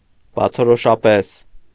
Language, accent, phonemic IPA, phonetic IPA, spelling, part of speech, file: Armenian, Eastern Armenian, /bɑt͡sʰoɾoʃɑˈpes/, [bɑt͡sʰoɾoʃɑpés], բացորոշապես, adverb, Hy-բացորոշապես.ogg
- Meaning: obviously, clearly, evidently